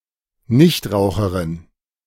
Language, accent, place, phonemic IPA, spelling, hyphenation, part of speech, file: German, Germany, Berlin, /ˈnɪçtˌʁaʊ̯xəʁɪn/, Nichtraucherin, Nicht‧rau‧che‧rin, noun, De-Nichtraucherin.ogg
- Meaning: non-smoker